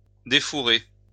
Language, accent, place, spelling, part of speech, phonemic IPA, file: French, France, Lyon, défourrer, verb, /de.fu.ʁe/, LL-Q150 (fra)-défourrer.wav
- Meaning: to remove the fur from